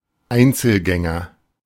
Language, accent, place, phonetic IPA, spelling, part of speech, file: German, Germany, Berlin, [ˈaɪ̯nt͡sl̩ˌɡɛŋɐ], Einzelgänger, noun, De-Einzelgänger.ogg
- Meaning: loner